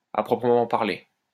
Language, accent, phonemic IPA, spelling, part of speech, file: French, France, /a pʁɔ.pʁə.mɑ̃ paʁ.le/, à proprement parler, adverb, LL-Q150 (fra)-à proprement parler.wav
- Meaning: strictly speaking